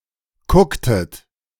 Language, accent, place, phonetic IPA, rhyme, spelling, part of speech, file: German, Germany, Berlin, [ˈkʊktət], -ʊktət, kucktet, verb, De-kucktet.ogg
- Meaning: inflection of kucken: 1. second-person plural preterite 2. second-person plural subjunctive II